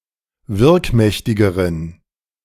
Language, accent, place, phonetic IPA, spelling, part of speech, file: German, Germany, Berlin, [ˈvɪʁkˌmɛçtɪɡəʁən], wirkmächtigeren, adjective, De-wirkmächtigeren.ogg
- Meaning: inflection of wirkmächtig: 1. strong genitive masculine/neuter singular comparative degree 2. weak/mixed genitive/dative all-gender singular comparative degree